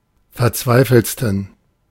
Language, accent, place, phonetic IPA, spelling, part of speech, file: German, Germany, Berlin, [fɛɐ̯ˈt͡svaɪ̯fl̩t͡stn̩], verzweifeltsten, adjective, De-verzweifeltsten.ogg
- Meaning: 1. superlative degree of verzweifelt 2. inflection of verzweifelt: strong genitive masculine/neuter singular superlative degree